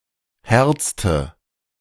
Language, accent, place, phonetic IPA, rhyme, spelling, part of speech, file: German, Germany, Berlin, [ˈhɛʁt͡stə], -ɛʁt͡stə, herzte, verb, De-herzte.ogg
- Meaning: inflection of herzen: 1. first/third-person singular preterite 2. first/third-person singular subjunctive II